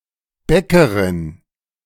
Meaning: baker (female)
- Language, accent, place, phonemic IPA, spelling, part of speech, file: German, Germany, Berlin, /ˈbɛkəʁɪn/, Bäckerin, noun, De-Bäckerin.ogg